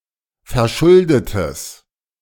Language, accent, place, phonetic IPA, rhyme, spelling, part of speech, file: German, Germany, Berlin, [fɛɐ̯ˈʃʊldətəs], -ʊldətəs, verschuldetes, adjective, De-verschuldetes.ogg
- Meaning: strong/mixed nominative/accusative neuter singular of verschuldet